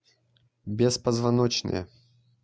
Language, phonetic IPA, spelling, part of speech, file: Russian, [bʲɪspəzvɐˈnot͡ɕnəjə], беспозвоночное, adjective / noun, Ru-беспозвоночное.ogg
- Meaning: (adjective) neuter nominative/accusative singular of беспозвоно́чный (bespozvonóčnyj); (noun) invertebrate